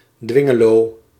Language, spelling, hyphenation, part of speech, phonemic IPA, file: Dutch, Dwingeloo, Dwin‧ge‧loo, proper noun, /ˈdʋɪ.ŋəˌloː/, Nl-Dwingeloo.ogg
- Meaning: a village and former municipality of Westerveld, Drenthe, Netherlands